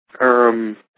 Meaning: 1. Used in hesitant speech, or to express uncertainty 2. Used to express embarrassment or subtle disagreement
- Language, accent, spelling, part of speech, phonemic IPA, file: English, US, erm, interjection, /ɝm/, En-us-erm.ogg